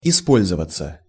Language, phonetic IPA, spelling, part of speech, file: Russian, [ɪˈspolʲzəvət͡sə], использоваться, verb, Ru-использоваться.ogg
- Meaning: passive of испо́льзовать (ispólʹzovatʹ): to be in use, to be used